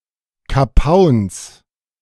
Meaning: genitive singular of Kapaun
- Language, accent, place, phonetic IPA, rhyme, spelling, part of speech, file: German, Germany, Berlin, [kaˈpaʊ̯ns], -aʊ̯ns, Kapauns, noun, De-Kapauns.ogg